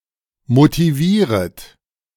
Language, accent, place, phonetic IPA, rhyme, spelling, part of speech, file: German, Germany, Berlin, [motiˈviːʁət], -iːʁət, motivieret, verb, De-motivieret.ogg
- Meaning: second-person plural subjunctive I of motivieren